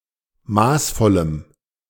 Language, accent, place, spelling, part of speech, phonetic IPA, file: German, Germany, Berlin, maßvollem, adjective, [ˈmaːsˌfɔləm], De-maßvollem.ogg
- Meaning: strong dative masculine/neuter singular of maßvoll